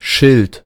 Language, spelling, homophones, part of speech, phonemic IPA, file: German, Schild, schilt, noun / proper noun, /ʃɪlt/, De-Schild.ogg
- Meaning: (noun) 1. sign, plate (flat surface bearing information) 2. label, tag (piece of paper etc. on a product) 3. alternative form of Schild (“shield, protector”, noun 2 below)